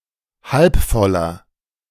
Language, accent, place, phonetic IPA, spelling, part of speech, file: German, Germany, Berlin, [ˌhalp ˈfɔlɐ], halb voller, adjective, De-halb voller.ogg
- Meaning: inflection of halb voll: 1. strong/mixed nominative masculine singular 2. strong genitive/dative feminine singular 3. strong genitive plural